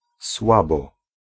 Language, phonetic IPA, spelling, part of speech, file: Polish, [ˈswabɔ], słabo, adverb, Pl-słabo.ogg